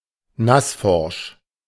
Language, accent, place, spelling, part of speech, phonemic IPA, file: German, Germany, Berlin, nassforsch, adjective, /ˈnasˌfɔʁʃ/, De-nassforsch.ogg
- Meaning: brash